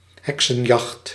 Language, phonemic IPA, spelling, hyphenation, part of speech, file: Dutch, /ˈɦɛk.sə(n)ˌjɑxt/, heksenjacht, hek‧sen‧jacht, noun, Nl-heksenjacht.ogg
- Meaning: witch-hunt